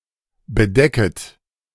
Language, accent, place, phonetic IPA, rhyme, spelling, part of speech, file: German, Germany, Berlin, [bəˈdɛkət], -ɛkət, bedecket, verb, De-bedecket.ogg
- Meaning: second-person plural subjunctive I of bedecken